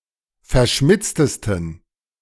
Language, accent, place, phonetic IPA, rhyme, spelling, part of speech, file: German, Germany, Berlin, [fɛɐ̯ˈʃmɪt͡stəstn̩], -ɪt͡stəstn̩, verschmitztesten, adjective, De-verschmitztesten.ogg
- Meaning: 1. superlative degree of verschmitzt 2. inflection of verschmitzt: strong genitive masculine/neuter singular superlative degree